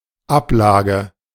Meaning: 1. filing 2. storage 3. filed document 4. branch office 5. deposit, deposition
- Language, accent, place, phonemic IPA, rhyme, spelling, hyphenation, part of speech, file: German, Germany, Berlin, /ˈapˌlaːɡə/, -aːɡə, Ablage, Ab‧la‧ge, noun, De-Ablage.ogg